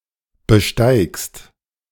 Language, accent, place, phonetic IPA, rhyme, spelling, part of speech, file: German, Germany, Berlin, [bəˈʃtaɪ̯kst], -aɪ̯kst, besteigst, verb, De-besteigst.ogg
- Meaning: second-person singular present of besteigen